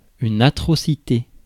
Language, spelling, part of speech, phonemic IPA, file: French, atrocité, noun, /a.tʁɔ.si.te/, Fr-atrocité.ogg
- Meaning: atrocity